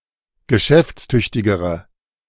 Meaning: inflection of geschäftstüchtig: 1. strong/mixed nominative/accusative feminine singular comparative degree 2. strong nominative/accusative plural comparative degree
- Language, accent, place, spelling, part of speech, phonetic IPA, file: German, Germany, Berlin, geschäftstüchtigere, adjective, [ɡəˈʃɛft͡sˌtʏçtɪɡəʁə], De-geschäftstüchtigere.ogg